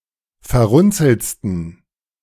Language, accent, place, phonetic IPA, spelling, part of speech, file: German, Germany, Berlin, [fɛɐ̯ˈʁʊnt͡sl̩t͡stn̩], verrunzeltsten, adjective, De-verrunzeltsten.ogg
- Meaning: 1. superlative degree of verrunzelt 2. inflection of verrunzelt: strong genitive masculine/neuter singular superlative degree